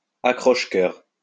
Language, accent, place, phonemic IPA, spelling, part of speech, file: French, France, Lyon, /a.kʁɔʃ.kœʁ/, accroche-cœur, noun, LL-Q150 (fra)-accroche-cœur.wav
- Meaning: kiss curl